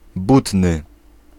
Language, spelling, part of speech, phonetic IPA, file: Polish, butny, adjective, [ˈbutnɨ], Pl-butny.ogg